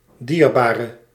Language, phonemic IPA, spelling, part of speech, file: Dutch, /ˈdirbarə/, dierbare, adjective / noun, Nl-dierbare.ogg
- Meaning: inflection of dierbaar: 1. indefinite masculine and feminine singular 2. indefinite plural 3. definite